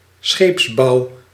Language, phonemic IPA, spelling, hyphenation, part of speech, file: Dutch, /ˈsxeːps.bɑu̯/, scheepsbouw, scheeps‧bouw, noun, Nl-scheepsbouw.ogg
- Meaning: shipbuilding